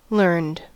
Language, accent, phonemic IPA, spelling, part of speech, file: English, US, /lɝnd/, learned, verb / adjective, En-us-learned.ogg
- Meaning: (verb) simple past and past participle of learn; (adjective) Derived from experience; acquired by learning